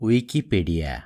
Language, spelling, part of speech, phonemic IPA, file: Odia, ଉଇକିପିଡ଼ିଆ, proper noun, /uikipiɽia/, Or-ଉଇକିପିଡ଼ିଆ.wav
- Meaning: Wikipedia